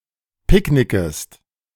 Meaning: second-person singular subjunctive I of picknicken
- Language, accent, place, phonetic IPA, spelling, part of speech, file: German, Germany, Berlin, [ˈpɪkˌnɪkəst], picknickest, verb, De-picknickest.ogg